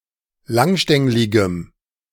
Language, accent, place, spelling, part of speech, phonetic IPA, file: German, Germany, Berlin, langstängligem, adjective, [ˈlaŋˌʃtɛŋlɪɡəm], De-langstängligem.ogg
- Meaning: strong dative masculine/neuter singular of langstänglig